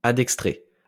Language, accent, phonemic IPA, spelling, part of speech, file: French, France, /a.dɛk.stʁe/, adextré, adjective, LL-Q150 (fra)-adextré.wav
- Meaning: dexter